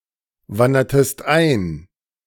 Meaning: inflection of einwandern: 1. second-person singular preterite 2. second-person singular subjunctive II
- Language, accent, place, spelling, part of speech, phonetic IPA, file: German, Germany, Berlin, wandertest ein, verb, [ˌvandɐtəst ˈaɪ̯n], De-wandertest ein.ogg